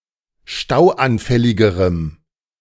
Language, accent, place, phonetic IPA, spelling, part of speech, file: German, Germany, Berlin, [ˈʃtaʊ̯ʔanˌfɛlɪɡəʁəm], stauanfälligerem, adjective, De-stauanfälligerem.ogg
- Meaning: strong dative masculine/neuter singular comparative degree of stauanfällig